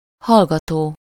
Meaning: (verb) present participle of hallgat; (noun) 1. listener 2. student (in college or university) 3. receiver (telephone)
- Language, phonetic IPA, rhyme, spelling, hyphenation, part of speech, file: Hungarian, [ˈhɒlɡɒtoː], -toː, hallgató, hall‧ga‧tó, verb / noun, Hu-hallgató.ogg